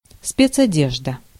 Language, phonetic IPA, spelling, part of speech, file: Russian, [ˌspʲet͡sɐˈdʲeʐdə], спецодежда, noun, Ru-спецодежда.ogg
- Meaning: overalls